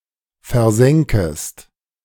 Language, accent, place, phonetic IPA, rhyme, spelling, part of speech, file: German, Germany, Berlin, [fɛɐ̯ˈzɛŋkəst], -ɛŋkəst, versenkest, verb, De-versenkest.ogg
- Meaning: second-person singular subjunctive I of versenken